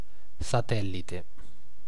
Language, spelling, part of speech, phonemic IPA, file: Italian, satellite, adjective / noun, /saˈtɛllite/, It-satellite.ogg